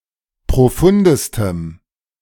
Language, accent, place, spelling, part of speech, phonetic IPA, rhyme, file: German, Germany, Berlin, profundestem, adjective, [pʁoˈfʊndəstəm], -ʊndəstəm, De-profundestem.ogg
- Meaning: strong dative masculine/neuter singular superlative degree of profund